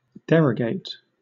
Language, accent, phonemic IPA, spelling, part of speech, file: English, Southern England, /ˈdɛɹəɡeɪt/, derogate, verb, LL-Q1860 (eng)-derogate.wav
- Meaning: 1. To partially repeal (a law etc.) 2. To detract from (something); to disparage, belittle 3. To take away (something from something else) in a way which leaves it lessened